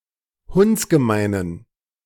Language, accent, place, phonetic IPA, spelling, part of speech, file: German, Germany, Berlin, [ˈhʊnt͡sɡəˌmaɪ̯nən], hundsgemeinen, adjective, De-hundsgemeinen.ogg
- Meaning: inflection of hundsgemein: 1. strong genitive masculine/neuter singular 2. weak/mixed genitive/dative all-gender singular 3. strong/weak/mixed accusative masculine singular 4. strong dative plural